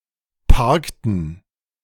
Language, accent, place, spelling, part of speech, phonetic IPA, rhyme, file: German, Germany, Berlin, parkten, verb, [ˈpaʁktn̩], -aʁktn̩, De-parkten.ogg
- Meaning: inflection of parken: 1. first/third-person plural preterite 2. first/third-person plural subjunctive II